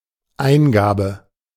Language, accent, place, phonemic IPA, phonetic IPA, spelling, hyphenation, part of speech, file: German, Germany, Berlin, /ˈaɪ̯nˌɡaːbə/, [ˈʔaɪ̯nˌɡaːbə], Eingabe, Ein‧ga‧be, noun, De-Eingabe.ogg
- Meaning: 1. input, entry, keying, submission, entering (e.g., entering of data) 2. petition, application (as a complaint or request) 3. administration (e.g., of medication)